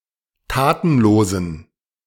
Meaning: inflection of tatenlos: 1. strong genitive masculine/neuter singular 2. weak/mixed genitive/dative all-gender singular 3. strong/weak/mixed accusative masculine singular 4. strong dative plural
- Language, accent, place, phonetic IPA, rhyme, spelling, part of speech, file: German, Germany, Berlin, [ˈtaːtn̩ˌloːzn̩], -aːtn̩loːzn̩, tatenlosen, adjective, De-tatenlosen.ogg